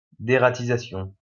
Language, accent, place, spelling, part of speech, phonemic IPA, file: French, France, Lyon, dératisation, noun, /de.ʁa.ti.za.sjɔ̃/, LL-Q150 (fra)-dératisation.wav
- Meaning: deratization